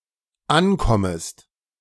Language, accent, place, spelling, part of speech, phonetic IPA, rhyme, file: German, Germany, Berlin, ankommest, verb, [ˈanˌkɔməst], -ankɔməst, De-ankommest.ogg
- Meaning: second-person singular dependent subjunctive I of ankommen